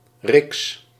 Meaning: a coin worth 2½ guilders
- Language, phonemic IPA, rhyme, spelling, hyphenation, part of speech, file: Dutch, /rɪks/, -ɪks, riks, riks, noun, Nl-riks.ogg